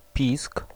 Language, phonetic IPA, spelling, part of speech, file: Polish, [pʲisk], pisk, noun, Pl-pisk.ogg